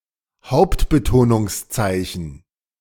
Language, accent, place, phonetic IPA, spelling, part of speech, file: German, Germany, Berlin, [ˈhaʊ̯ptbətoːnʊŋsˌt͡saɪ̯çn̩], Hauptbetonungszeichen, noun, De-Hauptbetonungszeichen.ogg
- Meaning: primary stress, primary accent (a mark)